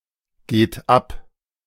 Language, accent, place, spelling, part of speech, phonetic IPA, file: German, Germany, Berlin, geht ab, verb, [ˌɡeːt ˈap], De-geht ab.ogg
- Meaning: inflection of abgehen: 1. third-person singular present 2. second-person plural present 3. plural imperative